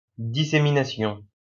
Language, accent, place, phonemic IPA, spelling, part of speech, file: French, France, Lyon, /di.se.mi.na.sjɔ̃/, dissémination, noun, LL-Q150 (fra)-dissémination.wav
- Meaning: 1. dissemination, scattering, strewing 2. dispersal, proliferation